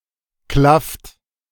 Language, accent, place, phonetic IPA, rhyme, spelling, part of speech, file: German, Germany, Berlin, [klaft], -aft, klafft, verb, De-klafft.ogg
- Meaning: inflection of klaffen: 1. second-person plural present 2. third-person singular present 3. plural imperative